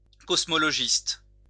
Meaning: cosmologist
- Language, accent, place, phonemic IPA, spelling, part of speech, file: French, France, Lyon, /kɔs.mɔ.lɔ.ʒist/, cosmologiste, noun, LL-Q150 (fra)-cosmologiste.wav